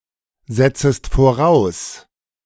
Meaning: second-person singular subjunctive I of voraussetzen
- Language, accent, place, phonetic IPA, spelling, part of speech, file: German, Germany, Berlin, [ˌzɛt͡səst foˈʁaʊ̯s], setzest voraus, verb, De-setzest voraus.ogg